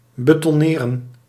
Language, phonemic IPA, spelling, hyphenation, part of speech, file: Dutch, /bətɔˈneːrə(n)/, betonneren, be‧ton‧ne‧ren, verb, Nl-betonneren.ogg
- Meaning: 1. to pour concrete 2. to cast, to fit, to set in concrete 3. to freeze, to set unchangeably (as if cast in concrete)